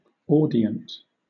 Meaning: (adjective) Listening, paying attention; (noun) 1. A hearer; a member of an audience 2. A catechumen (“convert to Christianity under instruction before baptism”) in the early Christian Church
- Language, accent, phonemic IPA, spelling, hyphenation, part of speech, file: English, Southern England, /ˈɔː.dɪ.ənt/, audient, au‧di‧ent, adjective / noun, LL-Q1860 (eng)-audient.wav